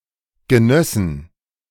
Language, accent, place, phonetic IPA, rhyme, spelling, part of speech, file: German, Germany, Berlin, [ɡəˈnœsn̩], -œsn̩, genössen, verb, De-genössen.ogg
- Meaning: first/third-person plural subjunctive II of genießen